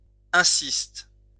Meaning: inflection of insister: 1. first/third-person singular present indicative/subjunctive 2. second-person singular imperative
- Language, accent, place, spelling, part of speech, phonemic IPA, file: French, France, Lyon, insiste, verb, /ɛ̃.sist/, LL-Q150 (fra)-insiste.wav